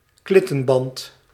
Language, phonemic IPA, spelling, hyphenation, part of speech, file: Dutch, /ˈklɪ.tə(n)ˌbɑnt/, klittenband, klit‧ten‧band, noun, Nl-klittenband.ogg
- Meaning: Velcro